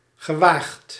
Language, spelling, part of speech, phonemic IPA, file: Dutch, gewaagd, verb / adjective, /ɣəˈwaxt/, Nl-gewaagd.ogg
- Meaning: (adjective) risky, daring; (verb) 1. past participle of wagen 2. past participle of gewagen